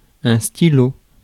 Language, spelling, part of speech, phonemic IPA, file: French, stylo, noun, /sti.lo/, Fr-stylo.ogg
- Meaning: pen (for writing)